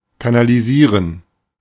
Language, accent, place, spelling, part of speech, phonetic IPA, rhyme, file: German, Germany, Berlin, kanalisieren, verb, [kanaliˈziːʁən], -iːʁən, De-kanalisieren.ogg
- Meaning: 1. to channel 2. to canalise, to canalize